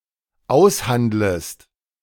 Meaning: second-person singular dependent subjunctive I of aushandeln
- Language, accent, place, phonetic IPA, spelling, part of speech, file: German, Germany, Berlin, [ˈaʊ̯sˌhandləst], aushandlest, verb, De-aushandlest.ogg